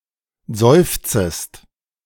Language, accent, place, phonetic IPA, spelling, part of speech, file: German, Germany, Berlin, [ˈzɔɪ̯ft͡səst], seufzest, verb, De-seufzest.ogg
- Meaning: second-person singular subjunctive I of seufzen